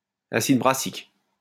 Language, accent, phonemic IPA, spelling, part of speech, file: French, France, /a.sid bʁa.sik/, acide brassique, noun, LL-Q150 (fra)-acide brassique.wav
- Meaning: brassic acid